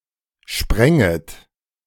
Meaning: second-person plural subjunctive I of sprengen
- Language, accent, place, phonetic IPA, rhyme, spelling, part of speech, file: German, Germany, Berlin, [ˈʃpʁɛŋət], -ɛŋət, sprenget, verb, De-sprenget.ogg